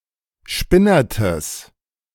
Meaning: strong/mixed nominative/accusative neuter singular of spinnert
- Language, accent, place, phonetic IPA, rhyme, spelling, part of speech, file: German, Germany, Berlin, [ˈʃpɪnɐtəs], -ɪnɐtəs, spinnertes, adjective, De-spinnertes.ogg